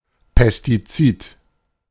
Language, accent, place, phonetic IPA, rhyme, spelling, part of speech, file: German, Germany, Berlin, [pɛstiˈt͡siːt], -iːt, Pestizid, noun, De-Pestizid.ogg
- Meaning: pesticide